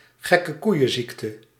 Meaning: mad cow disease, BSE
- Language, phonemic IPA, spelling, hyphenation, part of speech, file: Dutch, /ɣɛ.kəˈkui̯.ə(n)ˌzik.tə/, gekkekoeienziekte, gek‧ke‧koei‧en‧ziek‧te, noun, Nl-gekkekoeienziekte.ogg